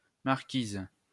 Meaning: 1. marchioness (a member of foreign nobility) 2. a type of finger-ring 3. awning, marquee (projecting canopy over an entrance)
- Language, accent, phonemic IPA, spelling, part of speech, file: French, France, /maʁ.kiz/, marquise, noun, LL-Q150 (fra)-marquise.wav